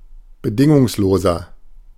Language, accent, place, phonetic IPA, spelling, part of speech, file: German, Germany, Berlin, [bəˈdɪŋʊŋsloːzɐ], bedingungsloser, adjective, De-bedingungsloser.ogg
- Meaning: 1. comparative degree of bedingungslos 2. inflection of bedingungslos: strong/mixed nominative masculine singular 3. inflection of bedingungslos: strong genitive/dative feminine singular